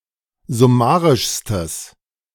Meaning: strong/mixed nominative/accusative neuter singular superlative degree of summarisch
- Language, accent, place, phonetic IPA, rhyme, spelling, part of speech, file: German, Germany, Berlin, [zʊˈmaːʁɪʃstəs], -aːʁɪʃstəs, summarischstes, adjective, De-summarischstes.ogg